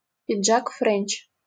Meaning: service jacket (single-breasted jacket with a collar stand and four external pockets)
- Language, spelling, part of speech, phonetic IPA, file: Russian, френч, noun, [frʲenʲt͡ɕ], LL-Q7737 (rus)-френч.wav